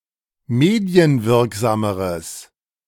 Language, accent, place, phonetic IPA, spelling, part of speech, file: German, Germany, Berlin, [ˈmeːdi̯ənˌvɪʁkzaːməʁəs], medienwirksameres, adjective, De-medienwirksameres.ogg
- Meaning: strong/mixed nominative/accusative neuter singular comparative degree of medienwirksam